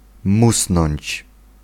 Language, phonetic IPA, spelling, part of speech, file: Polish, [ˈmusnɔ̃ɲt͡ɕ], musnąć, verb, Pl-musnąć.ogg